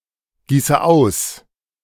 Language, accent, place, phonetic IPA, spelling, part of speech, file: German, Germany, Berlin, [ˌɡiːsə ˈaʊ̯s], gieße aus, verb, De-gieße aus.ogg
- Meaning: inflection of ausgießen: 1. first-person singular present 2. first/third-person singular subjunctive I 3. singular imperative